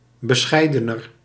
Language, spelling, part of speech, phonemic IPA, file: Dutch, bescheidener, adjective, /bəˈsxɛi̯dənər/, Nl-bescheidener.ogg
- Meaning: comparative degree of bescheiden